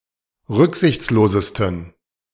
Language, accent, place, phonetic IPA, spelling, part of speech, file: German, Germany, Berlin, [ˈʁʏkzɪçt͡sloːzəstn̩], rücksichtslosesten, adjective, De-rücksichtslosesten.ogg
- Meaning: 1. superlative degree of rücksichtslos 2. inflection of rücksichtslos: strong genitive masculine/neuter singular superlative degree